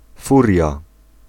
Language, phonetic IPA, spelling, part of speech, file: Polish, [ˈfurʲja], furia, noun, Pl-furia.ogg